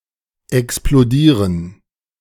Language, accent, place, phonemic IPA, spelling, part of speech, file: German, Germany, Berlin, /ɛksploˈdiːʁən/, explodieren, verb, De-explodieren.ogg
- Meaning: to explode